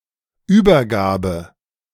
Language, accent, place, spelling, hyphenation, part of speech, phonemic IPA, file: German, Germany, Berlin, Übergabe, Über‧ga‧be, noun, /ˈyːbɐˌɡaːbə/, De-Übergabe.ogg
- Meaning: 1. handover, handoff, transfer, delivery 2. surrender, capitulation